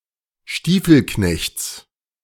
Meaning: genitive of Stiefelknecht
- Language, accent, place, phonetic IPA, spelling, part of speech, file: German, Germany, Berlin, [ˈʃtiːfl̩ˌknɛçt͡s], Stiefelknechts, noun, De-Stiefelknechts.ogg